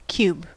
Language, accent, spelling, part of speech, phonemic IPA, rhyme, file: English, US, cube, noun / verb / adjective, /kjub/, -uːb, En-us-cube.ogg
- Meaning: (noun) 1. A regular polyhedron having six identical square faces 2. Any object more or less in the form of a cube 3. The third power of a number, value, term or expression